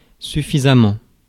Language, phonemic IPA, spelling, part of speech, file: French, /sy.fi.za.mɑ̃/, suffisamment, adverb, Fr-suffisamment.ogg
- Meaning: sufficiently; enough